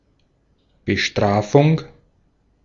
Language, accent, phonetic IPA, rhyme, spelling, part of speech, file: German, Austria, [bəˈʃtʁaːfʊŋ], -aːfʊŋ, Bestrafung, noun, De-at-Bestrafung.ogg
- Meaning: punishment